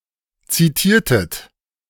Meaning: inflection of zitieren: 1. second-person plural preterite 2. second-person plural subjunctive II
- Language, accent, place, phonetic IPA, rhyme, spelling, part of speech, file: German, Germany, Berlin, [ˌt͡siˈtiːɐ̯tət], -iːɐ̯tət, zitiertet, verb, De-zitiertet.ogg